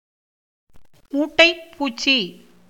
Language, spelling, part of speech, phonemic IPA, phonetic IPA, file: Tamil, மூட்டைப் பூச்சி, noun, /muːʈːɐɪ̯p puːtʃtʃiː/, [muːʈːɐɪ̯p puːssiː], Ta-மூட்டைப் பூச்சி.ogg
- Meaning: alternative spelling of மூட்டைப்பூச்சி (mūṭṭaippūcci)